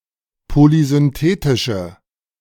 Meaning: inflection of polysynthetisch: 1. strong/mixed nominative/accusative feminine singular 2. strong nominative/accusative plural 3. weak nominative all-gender singular
- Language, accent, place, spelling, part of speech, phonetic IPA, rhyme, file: German, Germany, Berlin, polysynthetische, adjective, [polizʏnˈteːtɪʃə], -eːtɪʃə, De-polysynthetische.ogg